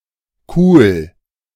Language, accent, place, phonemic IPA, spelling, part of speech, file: German, Germany, Berlin, /kuːl/, cool, adjective, De-cool.ogg
- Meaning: 1. cool (in its informal senses) 2. cool, calm, easy-going